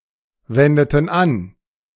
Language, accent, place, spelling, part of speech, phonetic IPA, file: German, Germany, Berlin, wendeten an, verb, [ˌvɛndətn̩ ˈan], De-wendeten an.ogg
- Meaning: inflection of anwenden: 1. first/third-person plural preterite 2. first/third-person plural subjunctive II